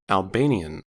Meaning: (adjective) Of, from, or pertaining to Albania, the Albanian ethnic group or the Albanian language
- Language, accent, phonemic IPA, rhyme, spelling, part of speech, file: English, General American, /ɔlˈbeɪ.ni.ən/, -eɪniən, Albanian, adjective / noun / proper noun, En-us-Albanian.ogg